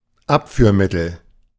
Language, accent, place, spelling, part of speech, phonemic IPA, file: German, Germany, Berlin, Abführmittel, noun, /ˈapfyːɐ̯mɪtl̩/, De-Abführmittel.ogg
- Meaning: laxative (substance with a laxative effect)